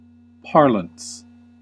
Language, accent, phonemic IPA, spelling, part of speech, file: English, US, /ˈpɑɹ.ləns/, parlance, noun, En-us-parlance.ogg
- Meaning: 1. A certain way of speaking, of using words; especially that associated with a particular job or interest 2. Of a word, the quality of being lexicalized; especially as jargon or slang